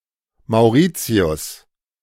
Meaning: 1. Mauritius (a country in the Indian Ocean, east of East Africa and Madagascar) 2. Mauritius (the main island of the country of Mauritius)
- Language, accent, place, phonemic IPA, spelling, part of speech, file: German, Germany, Berlin, /maʊ̯ˈriːtsi̯ʊs/, Mauritius, proper noun, De-Mauritius.ogg